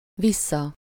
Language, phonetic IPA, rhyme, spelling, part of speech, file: Hungarian, [ˈvisːɒ], -sɒ, vissza, adverb / noun, Hu-vissza.ogg
- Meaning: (adverb) back, backwards; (noun) wrong side (the side designed to be worn or placed inward; as, the wrong side of a garment or of a piece of cloth)